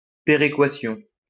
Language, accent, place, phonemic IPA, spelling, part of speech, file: French, France, Lyon, /pe.ʁe.kwa.sjɔ̃/, péréquation, noun, LL-Q150 (fra)-péréquation.wav
- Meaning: balancing out